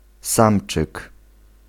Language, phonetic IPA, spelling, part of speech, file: Polish, [ˈsãmt͡ʃɨk], samczyk, noun, Pl-samczyk.ogg